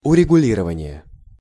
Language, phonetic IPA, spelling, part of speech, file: Russian, [ʊrʲɪɡʊˈlʲirəvənʲɪje], урегулирование, noun, Ru-урегулирование.ogg
- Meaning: settlement (the state of being settled)